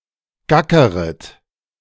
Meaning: second-person plural subjunctive I of gackern
- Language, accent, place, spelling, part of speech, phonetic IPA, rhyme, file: German, Germany, Berlin, gackeret, verb, [ˈɡakəʁət], -akəʁət, De-gackeret.ogg